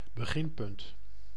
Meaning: starting point
- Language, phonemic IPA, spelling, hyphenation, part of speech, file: Dutch, /bəˈɣɪnˌpʏnt/, beginpunt, be‧gin‧punt, noun, Nl-beginpunt.ogg